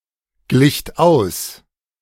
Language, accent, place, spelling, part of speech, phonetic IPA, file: German, Germany, Berlin, glicht aus, verb, [ˌɡlɪçt ˈaʊ̯s], De-glicht aus.ogg
- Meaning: second-person plural preterite of ausgleichen